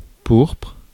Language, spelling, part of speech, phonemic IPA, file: French, pourpre, noun / adjective, /puʁpʁ/, Fr-pourpre.ogg
- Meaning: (noun) 1. burgundy (purple color) 2. rich, purple fabric 3. purpure; purple color as used in heraldry 4. power, authority; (adjective) burgundy in color